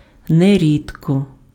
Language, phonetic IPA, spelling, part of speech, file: Ukrainian, [neˈrʲidkɔ], нерідко, adverb, Uk-нерідко.ogg
- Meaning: quite often, not infrequently